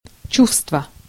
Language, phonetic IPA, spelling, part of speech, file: Russian, [ˈt͡ɕu(f)stvə], чувство, noun, Ru-чувство.ogg
- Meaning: 1. sense, feeling (sensation) 2. feeling, emotion